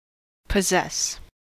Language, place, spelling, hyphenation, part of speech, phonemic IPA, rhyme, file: English, California, possess, pos‧sess, verb, /pəˈzɛs/, -ɛs, En-us-possess.ogg
- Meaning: 1. To have (something) as, or as if as, an owner; to have, to own 2. Of an idea, thought, etc.: to dominate (someone's mind); to strongly influence